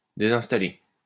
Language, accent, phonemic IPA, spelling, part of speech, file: French, France, /de.zɛ̃s.ta.le/, désinstaller, verb, LL-Q150 (fra)-désinstaller.wav
- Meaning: to uninstall